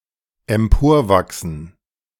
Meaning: to grow upwards
- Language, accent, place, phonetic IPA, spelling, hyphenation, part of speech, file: German, Germany, Berlin, [ɛmˈpoːɐ̯ˌvaksn̩], emporwachsen, em‧por‧wach‧sen, verb, De-emporwachsen.ogg